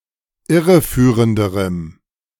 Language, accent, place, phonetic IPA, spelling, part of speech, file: German, Germany, Berlin, [ˈɪʁəˌfyːʁəndəʁəm], irreführenderem, adjective, De-irreführenderem.ogg
- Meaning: strong dative masculine/neuter singular comparative degree of irreführend